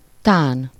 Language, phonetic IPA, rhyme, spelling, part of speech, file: Hungarian, [ˈtaːn], -aːn, tán, adverb, Hu-tán.ogg
- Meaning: maybe, perhaps